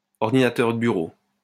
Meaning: desktop computer
- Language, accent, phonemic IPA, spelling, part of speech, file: French, France, /ɔʁ.di.na.tœʁ də by.ʁo/, ordinateur de bureau, noun, LL-Q150 (fra)-ordinateur de bureau.wav